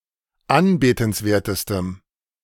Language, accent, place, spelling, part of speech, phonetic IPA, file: German, Germany, Berlin, anbetenswertestem, adjective, [ˈanbeːtn̩sˌveːɐ̯təstəm], De-anbetenswertestem.ogg
- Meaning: strong dative masculine/neuter singular superlative degree of anbetenswert